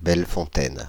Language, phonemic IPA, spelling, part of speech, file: French, /bɛl.fɔ̃.tɛn/, Bellefontaine, proper noun, Fr-Bellefontaine.ogg
- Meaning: 1. Bellefontaine (a village and commune of Vosges department, Grand Est, France) 2. Bellefontaine (a village and commune of Jura department, Bourgogne-Franche-Comté, France)